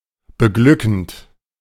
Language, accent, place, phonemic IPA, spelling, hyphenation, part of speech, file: German, Germany, Berlin, /bəˈɡlʏkn̩t/, beglückend, be‧glü‧ckend, verb / adjective, De-beglückend.ogg
- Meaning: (verb) present participle of beglücken; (adjective) exhilarating, cheering, uplifting, blissful, delightful